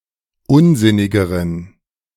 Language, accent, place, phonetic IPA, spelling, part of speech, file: German, Germany, Berlin, [ˈʊnˌzɪnɪɡəʁən], unsinnigeren, adjective, De-unsinnigeren.ogg
- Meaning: inflection of unsinnig: 1. strong genitive masculine/neuter singular comparative degree 2. weak/mixed genitive/dative all-gender singular comparative degree